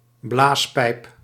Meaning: blowgun
- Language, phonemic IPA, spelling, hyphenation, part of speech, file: Dutch, /ˈblaːs.pɛi̯p/, blaaspijp, blaas‧pijp, noun, Nl-blaaspijp.ogg